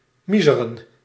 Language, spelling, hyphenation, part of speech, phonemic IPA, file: Dutch, miezeren, mie‧ze‧ren, verb, /ˈmi.zə.rə(n)/, Nl-miezeren.ogg
- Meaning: to drizzle, rain lightly